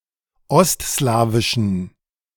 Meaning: inflection of ostslawisch: 1. strong genitive masculine/neuter singular 2. weak/mixed genitive/dative all-gender singular 3. strong/weak/mixed accusative masculine singular 4. strong dative plural
- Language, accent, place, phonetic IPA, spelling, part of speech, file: German, Germany, Berlin, [ˈɔstˌslaːvɪʃn̩], ostslawischen, adjective, De-ostslawischen.ogg